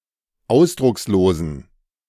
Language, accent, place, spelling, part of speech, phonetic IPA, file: German, Germany, Berlin, ausdruckslosen, adjective, [ˈaʊ̯sdʁʊksloːzn̩], De-ausdruckslosen.ogg
- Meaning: inflection of ausdruckslos: 1. strong genitive masculine/neuter singular 2. weak/mixed genitive/dative all-gender singular 3. strong/weak/mixed accusative masculine singular 4. strong dative plural